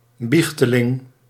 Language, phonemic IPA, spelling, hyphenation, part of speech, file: Dutch, /ˈbix.təˌlɪŋ/, biechteling, biech‧te‧ling, noun, Nl-biechteling.ogg
- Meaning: penitent, confessant (one who goes to confession, in particular one who frequents a particular confessor)